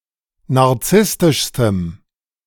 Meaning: strong dative masculine/neuter singular superlative degree of narzisstisch
- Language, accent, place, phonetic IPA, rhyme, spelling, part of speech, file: German, Germany, Berlin, [naʁˈt͡sɪstɪʃstəm], -ɪstɪʃstəm, narzisstischstem, adjective, De-narzisstischstem.ogg